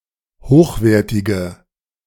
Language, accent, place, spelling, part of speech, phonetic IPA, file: German, Germany, Berlin, hochwertige, adjective, [ˈhoːxˌveːɐ̯tɪɡə], De-hochwertige.ogg
- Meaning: inflection of hochwertig: 1. strong/mixed nominative/accusative feminine singular 2. strong nominative/accusative plural 3. weak nominative all-gender singular